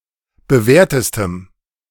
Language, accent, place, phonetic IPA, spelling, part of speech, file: German, Germany, Berlin, [bəˈvɛːɐ̯təstəm], bewährtestem, adjective, De-bewährtestem.ogg
- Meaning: strong dative masculine/neuter singular superlative degree of bewährt